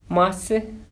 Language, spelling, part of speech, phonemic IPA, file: Navajo, másí, noun, /mɑ́sɪ́/, Nv-másí.mp3
- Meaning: cat